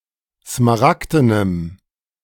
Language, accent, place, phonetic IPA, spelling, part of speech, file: German, Germany, Berlin, [smaˈʁakdənəm], smaragdenem, adjective, De-smaragdenem.ogg
- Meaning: strong dative masculine/neuter singular of smaragden